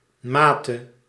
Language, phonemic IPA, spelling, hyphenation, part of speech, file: Dutch, /ˈmatə/, mate, ma‧te, noun, Nl-mate.ogg
- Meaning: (noun) 1. archaic form of maat (“measure”) 2. dative singular of maat degree, extent; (verb) singular past subjunctive of meten; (noun) alternative spelling of maté